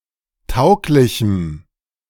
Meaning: strong dative masculine/neuter singular of tauglich
- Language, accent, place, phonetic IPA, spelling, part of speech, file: German, Germany, Berlin, [ˈtaʊ̯klɪçm̩], tauglichem, adjective, De-tauglichem.ogg